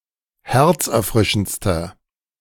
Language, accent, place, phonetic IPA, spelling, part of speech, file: German, Germany, Berlin, [ˈhɛʁt͡sʔɛɐ̯ˌfʁɪʃn̩t͡stɐ], herzerfrischendster, adjective, De-herzerfrischendster.ogg
- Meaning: inflection of herzerfrischend: 1. strong/mixed nominative masculine singular superlative degree 2. strong genitive/dative feminine singular superlative degree